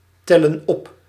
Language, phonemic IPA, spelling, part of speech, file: Dutch, /ˈtɛlə(n) ˈɔp/, tellen op, verb, Nl-tellen op.ogg
- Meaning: inflection of optellen: 1. plural present indicative 2. plural present subjunctive